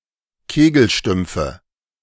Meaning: nominative/accusative/genitive plural of Kegelstumpf
- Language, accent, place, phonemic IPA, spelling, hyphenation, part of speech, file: German, Germany, Berlin, /ˈkeːɡl̩ˌʃtʏmp͡fə/, Kegelstümpfe, Ke‧gel‧stümp‧fe, noun, De-Kegelstümpfe.ogg